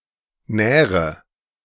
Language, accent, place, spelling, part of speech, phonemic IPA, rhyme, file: German, Germany, Berlin, nähre, verb, /ˈnɛːʁə/, -ɛːʁə, De-nähre.ogg
- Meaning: inflection of nähern: 1. first-person singular present 2. first/third-person singular subjunctive I 3. singular imperative